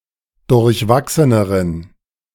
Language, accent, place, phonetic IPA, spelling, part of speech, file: German, Germany, Berlin, [dʊʁçˈvaksənəʁən], durchwachseneren, adjective, De-durchwachseneren.ogg
- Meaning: inflection of durchwachsen: 1. strong genitive masculine/neuter singular comparative degree 2. weak/mixed genitive/dative all-gender singular comparative degree